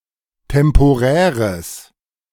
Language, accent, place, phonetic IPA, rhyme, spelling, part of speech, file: German, Germany, Berlin, [tɛmpoˈʁɛːʁəs], -ɛːʁəs, temporäres, adjective, De-temporäres.ogg
- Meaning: strong/mixed nominative/accusative neuter singular of temporär